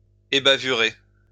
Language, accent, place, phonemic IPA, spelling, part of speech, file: French, France, Lyon, /e.ba.vy.ʁe/, ébavurer, verb, LL-Q150 (fra)-ébavurer.wav
- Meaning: deburr